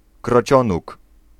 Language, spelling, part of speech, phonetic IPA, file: Polish, krocionóg, noun, [krɔˈt͡ɕɔ̃nuk], Pl-krocionóg.ogg